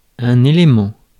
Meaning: 1. element (part of a whole) 2. element (chemical element)
- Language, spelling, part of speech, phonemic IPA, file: French, élément, noun, /e.le.mɑ̃/, Fr-élément.ogg